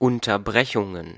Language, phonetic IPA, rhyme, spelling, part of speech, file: German, [ˌʊntɐˈbʁɛçʊŋən], -ɛçʊŋən, Unterbrechungen, noun, De-Unterbrechungen.ogg
- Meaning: plural of Unterbrechung